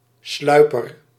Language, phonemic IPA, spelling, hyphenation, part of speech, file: Dutch, /ˈslœy̯.pər/, sluiper, slui‧per, noun, Nl-sluiper.ogg
- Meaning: one who sneaks; a sneak